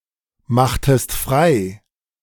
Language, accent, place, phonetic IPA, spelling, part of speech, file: German, Germany, Berlin, [ˌmaxtəst ˈfʁaɪ̯], machtest frei, verb, De-machtest frei.ogg
- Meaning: inflection of freimachen: 1. second-person singular preterite 2. second-person singular subjunctive II